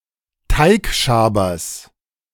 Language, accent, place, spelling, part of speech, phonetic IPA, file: German, Germany, Berlin, Teigschabers, noun, [ˈtaɪ̯kʃaːbɐs], De-Teigschabers.ogg
- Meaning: genitive singular of Teigschaber